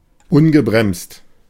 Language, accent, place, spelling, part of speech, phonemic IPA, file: German, Germany, Berlin, ungebremst, adjective, /ˈʊnɡəbʁɛmst/, De-ungebremst.ogg
- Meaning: unrestrained